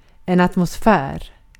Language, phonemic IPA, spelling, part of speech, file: Swedish, /at.mʊˈsfɛːr/, atmosfär, noun, Sv-atmosfär.ogg
- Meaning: 1. atmosphere 2. atmosphere (unit of pressure corresponding to 101,325 Pa) 3. atmosphere (mood)